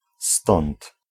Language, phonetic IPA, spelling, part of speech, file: Polish, [stɔ̃nt], stąd, pronoun, Pl-stąd.ogg